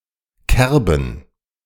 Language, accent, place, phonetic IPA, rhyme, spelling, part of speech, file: German, Germany, Berlin, [ˈkɛʁbn̩], -ɛʁbn̩, Kerben, noun, De-Kerben.ogg
- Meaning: plural of Kerbe